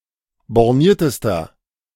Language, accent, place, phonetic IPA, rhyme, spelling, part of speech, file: German, Germany, Berlin, [bɔʁˈniːɐ̯təstɐ], -iːɐ̯təstɐ, borniertester, adjective, De-borniertester.ogg
- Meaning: inflection of borniert: 1. strong/mixed nominative masculine singular superlative degree 2. strong genitive/dative feminine singular superlative degree 3. strong genitive plural superlative degree